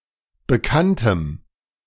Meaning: strong dative masculine/neuter singular of bekannt
- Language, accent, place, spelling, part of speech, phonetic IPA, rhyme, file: German, Germany, Berlin, bekanntem, adjective, [bəˈkantəm], -antəm, De-bekanntem.ogg